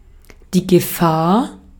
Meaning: 1. danger, hazard, peril, risk 2. threat
- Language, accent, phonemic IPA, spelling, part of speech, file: German, Austria, /ɡəˈfaːɐ̯/, Gefahr, noun, De-at-Gefahr.ogg